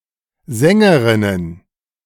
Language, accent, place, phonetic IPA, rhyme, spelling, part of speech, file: German, Germany, Berlin, [ˈzɛŋəʁɪnən], -ɛŋəʁɪnən, Sängerinnen, noun, De-Sängerinnen.ogg
- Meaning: plural of Sängerin